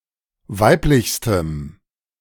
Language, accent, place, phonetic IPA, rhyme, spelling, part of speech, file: German, Germany, Berlin, [ˈvaɪ̯plɪçstəm], -aɪ̯plɪçstəm, weiblichstem, adjective, De-weiblichstem.ogg
- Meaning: strong dative masculine/neuter singular superlative degree of weiblich